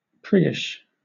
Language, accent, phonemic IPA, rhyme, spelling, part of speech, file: English, Southern England, /ˈpɹɪɡɪʃ/, -ɪɡɪʃ, priggish, adjective, LL-Q1860 (eng)-priggish.wav
- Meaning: Like a prig